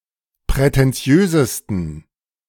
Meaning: 1. superlative degree of prätentiös 2. inflection of prätentiös: strong genitive masculine/neuter singular superlative degree
- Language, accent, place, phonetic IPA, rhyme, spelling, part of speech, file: German, Germany, Berlin, [pʁɛtɛnˈt͡si̯øːzəstn̩], -øːzəstn̩, prätentiösesten, adjective, De-prätentiösesten.ogg